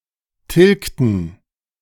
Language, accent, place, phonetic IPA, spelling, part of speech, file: German, Germany, Berlin, [ˈtɪlktn̩], tilgten, verb, De-tilgten.ogg
- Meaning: inflection of tilgen: 1. first/third-person plural preterite 2. first/third-person plural subjunctive II